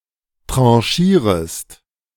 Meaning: second-person singular subjunctive I of tranchieren
- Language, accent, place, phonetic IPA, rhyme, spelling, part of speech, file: German, Germany, Berlin, [ˌtʁɑ̃ˈʃiːʁəst], -iːʁəst, tranchierest, verb, De-tranchierest.ogg